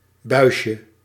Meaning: diminutive of buis
- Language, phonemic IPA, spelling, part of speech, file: Dutch, /ˈbœyʃə/, buisje, noun, Nl-buisje.ogg